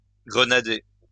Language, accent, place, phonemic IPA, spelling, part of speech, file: French, France, Lyon, /ɡʁə.na.de/, grenader, verb, LL-Q150 (fra)-grenader.wav
- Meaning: to grenade (attack with grenades)